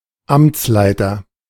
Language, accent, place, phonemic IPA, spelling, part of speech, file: German, Germany, Berlin, /ˈamt͡slaɪ̯tɐ/, Amtsleiter, noun, De-Amtsleiter.ogg
- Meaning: commissioner